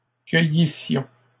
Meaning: first-person plural imperfect subjunctive of cueillir
- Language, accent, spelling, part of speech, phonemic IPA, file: French, Canada, cueillissions, verb, /kœ.ji.sjɔ̃/, LL-Q150 (fra)-cueillissions.wav